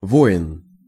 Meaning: soldier, warrior, serviceman, military man
- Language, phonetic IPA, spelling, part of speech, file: Russian, [ˈvoɪn], воин, noun, Ru-воин.ogg